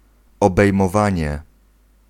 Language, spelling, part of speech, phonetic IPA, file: Polish, obejmowanie, noun, [ˌɔbɛjmɔˈvãɲɛ], Pl-obejmowanie.ogg